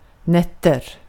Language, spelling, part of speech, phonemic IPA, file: Swedish, natt, noun, /natː/, Sv-natt.ogg
- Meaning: 1. night 2. night: nights